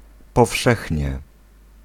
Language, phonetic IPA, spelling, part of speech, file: Polish, [pɔˈfʃɛxʲɲɛ], powszechnie, adverb, Pl-powszechnie.ogg